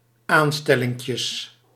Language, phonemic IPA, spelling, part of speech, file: Dutch, /ˈanstɛlɪŋkjəs/, aanstellinkjes, noun, Nl-aanstellinkjes.ogg
- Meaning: plural of aanstellinkje